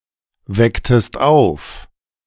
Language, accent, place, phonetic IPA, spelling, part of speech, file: German, Germany, Berlin, [ˌvɛktəst ˈaʊ̯f], wecktest auf, verb, De-wecktest auf.ogg
- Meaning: inflection of aufwecken: 1. second-person singular preterite 2. second-person singular subjunctive II